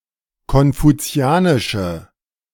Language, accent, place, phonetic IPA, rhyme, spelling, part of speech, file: German, Germany, Berlin, [kɔnfuˈt͡si̯aːnɪʃə], -aːnɪʃə, konfuzianische, adjective, De-konfuzianische.ogg
- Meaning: inflection of konfuzianisch: 1. strong/mixed nominative/accusative feminine singular 2. strong nominative/accusative plural 3. weak nominative all-gender singular